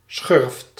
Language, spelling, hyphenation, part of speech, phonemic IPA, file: Dutch, schurft, schurft, noun, /sxʏrft/, Nl-schurft.ogg
- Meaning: scabies